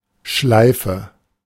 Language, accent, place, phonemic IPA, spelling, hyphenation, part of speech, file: German, Germany, Berlin, /ˈʃlaɪ̯fə/, Schleife, Schlei‧fe, noun, De-Schleife.ogg
- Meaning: 1. bow, tie (way of fastening laces etc.) 2. bow, ribbon (ornament of such form) 3. anything loop- or eight-shaped 4. loop (something recurring or repetitive)